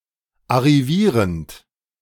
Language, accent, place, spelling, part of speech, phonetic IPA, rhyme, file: German, Germany, Berlin, arrivierend, verb, [aʁiˈviːʁənt], -iːʁənt, De-arrivierend.ogg
- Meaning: present participle of arrivieren